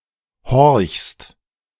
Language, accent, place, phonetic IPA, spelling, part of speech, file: German, Germany, Berlin, [hɔʁçst], horchst, verb, De-horchst.ogg
- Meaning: second-person singular present of horchen